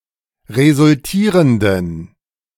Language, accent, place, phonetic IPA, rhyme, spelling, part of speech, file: German, Germany, Berlin, [ʁezʊlˈtiːʁəndn̩], -iːʁəndn̩, resultierenden, adjective, De-resultierenden.ogg
- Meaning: inflection of resultierend: 1. strong genitive masculine/neuter singular 2. weak/mixed genitive/dative all-gender singular 3. strong/weak/mixed accusative masculine singular 4. strong dative plural